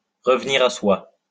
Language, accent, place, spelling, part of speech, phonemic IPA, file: French, France, Lyon, revenir à soi, verb, /ʁə.v(ə).ni.ʁ‿a swa/, LL-Q150 (fra)-revenir à soi.wav
- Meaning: to come round, to come to, to regain consciousness